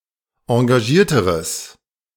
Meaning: strong/mixed nominative/accusative neuter singular comparative degree of engagiert
- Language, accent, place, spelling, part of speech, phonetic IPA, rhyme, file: German, Germany, Berlin, engagierteres, adjective, [ɑ̃ɡaˈʒiːɐ̯təʁəs], -iːɐ̯təʁəs, De-engagierteres.ogg